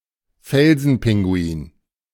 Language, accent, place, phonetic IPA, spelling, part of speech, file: German, Germany, Berlin, [ˈfɛlzn̩ˌpɪŋɡuiːn], Felsenpinguin, noun, De-Felsenpinguin.ogg
- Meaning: rockhopper penguin